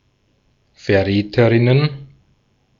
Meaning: plural of Verräterin
- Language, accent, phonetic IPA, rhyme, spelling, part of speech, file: German, Austria, [fɛɐ̯ˈʁɛːtəʁɪnən], -ɛːtəʁɪnən, Verräterinnen, noun, De-at-Verräterinnen.ogg